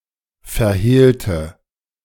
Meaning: inflection of verhehlen: 1. first/third-person singular preterite 2. first/third-person singular subjunctive II
- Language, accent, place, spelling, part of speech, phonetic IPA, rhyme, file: German, Germany, Berlin, verhehlte, adjective / verb, [fɛɐ̯ˈheːltə], -eːltə, De-verhehlte.ogg